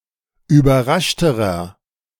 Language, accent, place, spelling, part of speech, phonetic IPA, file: German, Germany, Berlin, überraschterer, adjective, [yːbɐˈʁaʃtəʁɐ], De-überraschterer.ogg
- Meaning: inflection of überrascht: 1. strong/mixed nominative masculine singular comparative degree 2. strong genitive/dative feminine singular comparative degree 3. strong genitive plural comparative degree